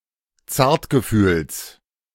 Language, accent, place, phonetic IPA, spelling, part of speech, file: German, Germany, Berlin, [ˈt͡saːɐ̯tɡəˌfyːls], Zartgefühls, noun, De-Zartgefühls.ogg
- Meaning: genitive singular of Zartgefühl